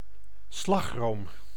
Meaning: whipped cream
- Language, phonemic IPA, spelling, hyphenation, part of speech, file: Dutch, /ˈslɑx.roːm/, slagroom, slag‧room, noun, Nl-slagroom.ogg